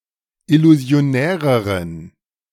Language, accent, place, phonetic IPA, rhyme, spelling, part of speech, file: German, Germany, Berlin, [ɪluzi̯oˈnɛːʁəʁən], -ɛːʁəʁən, illusionäreren, adjective, De-illusionäreren.ogg
- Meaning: inflection of illusionär: 1. strong genitive masculine/neuter singular comparative degree 2. weak/mixed genitive/dative all-gender singular comparative degree